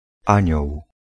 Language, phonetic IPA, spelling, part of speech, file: Polish, [ˈãɲɔw], Anioł, proper noun, Pl-Anioł.ogg